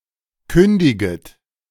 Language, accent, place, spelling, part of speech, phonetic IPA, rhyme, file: German, Germany, Berlin, kündiget, verb, [ˈkʏndɪɡət], -ʏndɪɡət, De-kündiget.ogg
- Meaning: second-person plural subjunctive I of kündigen